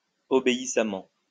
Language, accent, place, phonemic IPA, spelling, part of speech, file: French, France, Lyon, /ɔ.be.i.sa.mɑ̃/, obéissamment, adverb, LL-Q150 (fra)-obéissamment.wav
- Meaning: obediently